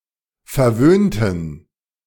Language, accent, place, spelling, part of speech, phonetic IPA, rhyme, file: German, Germany, Berlin, verwöhnten, adjective / verb, [fɛɐ̯ˈvøːntn̩], -øːntn̩, De-verwöhnten.ogg
- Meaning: inflection of verwöhnt: 1. strong genitive masculine/neuter singular 2. weak/mixed genitive/dative all-gender singular 3. strong/weak/mixed accusative masculine singular 4. strong dative plural